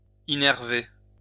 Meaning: to innervate
- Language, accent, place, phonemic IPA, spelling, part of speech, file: French, France, Lyon, /i.nɛʁ.ve/, innerver, verb, LL-Q150 (fra)-innerver.wav